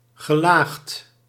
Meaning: layered, laminated
- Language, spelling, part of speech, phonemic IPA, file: Dutch, gelaagd, adjective, /ɣəˈlaxt/, Nl-gelaagd.ogg